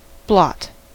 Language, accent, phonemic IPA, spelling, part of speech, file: English, US, /blɑt/, blot, noun / verb, En-us-blot.ogg
- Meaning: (noun) 1. A blemish, spot or stain made by a coloured substance 2. A stain on someone's reputation or character; a disgrace 3. A method of transferring proteins, DNA or RNA, onto a carrier